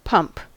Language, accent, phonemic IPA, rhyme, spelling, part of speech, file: English, US, /pʌmp/, -ʌmp, pump, noun / verb, En-us-pump.ogg
- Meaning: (noun) 1. A device for moving or compressing a liquid or gas 2. An instance of the action of a pump; one stroke of a pump; any action similar to pumping